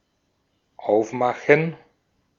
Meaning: 1. to open (a container, a door or window) 2. to open for business 3. to get ready; to set out 4. to put up; to hang (curtains, a poster etc.)
- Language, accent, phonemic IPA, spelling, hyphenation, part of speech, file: German, Austria, /ˈaʊ̯fˌmaxən/, aufmachen, auf‧ma‧chen, verb, De-at-aufmachen.ogg